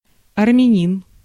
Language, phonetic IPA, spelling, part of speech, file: Russian, [ɐrmʲɪˈnʲin], армянин, noun, Ru-армянин.ogg
- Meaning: Armenian (citizen, resident, or of heritage)